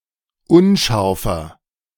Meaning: 1. comparative degree of unscharf 2. inflection of unscharf: strong/mixed nominative masculine singular 3. inflection of unscharf: strong genitive/dative feminine singular
- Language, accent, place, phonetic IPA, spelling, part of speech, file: German, Germany, Berlin, [ˈʊnˌʃaʁfɐ], unscharfer, adjective, De-unscharfer.ogg